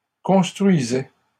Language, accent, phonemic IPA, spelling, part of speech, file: French, Canada, /kɔ̃s.tʁɥi.zɛ/, construisait, verb, LL-Q150 (fra)-construisait.wav
- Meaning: third-person singular imperfect indicative of construire